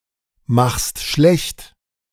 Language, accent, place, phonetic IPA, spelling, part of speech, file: German, Germany, Berlin, [ˌmaxst ˈʃlɛçt], machst schlecht, verb, De-machst schlecht.ogg
- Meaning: second-person singular present of schlechtmachen